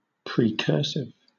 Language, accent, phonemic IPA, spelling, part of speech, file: English, Southern England, /ˌpɹiːˈkɜː(ɹ)sɪv/, precursive, adjective, LL-Q1860 (eng)-precursive.wav
- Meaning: Being a style of handwriting that can later be developed into cursive